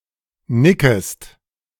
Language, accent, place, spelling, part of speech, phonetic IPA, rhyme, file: German, Germany, Berlin, nickest, verb, [ˈnɪkəst], -ɪkəst, De-nickest.ogg
- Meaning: second-person singular subjunctive I of nicken